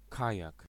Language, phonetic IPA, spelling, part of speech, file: Polish, [ˈkajak], kajak, noun, Pl-kajak.ogg